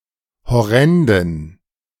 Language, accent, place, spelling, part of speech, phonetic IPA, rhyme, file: German, Germany, Berlin, horrenden, adjective, [hɔˈʁɛndn̩], -ɛndn̩, De-horrenden.ogg
- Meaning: inflection of horrend: 1. strong genitive masculine/neuter singular 2. weak/mixed genitive/dative all-gender singular 3. strong/weak/mixed accusative masculine singular 4. strong dative plural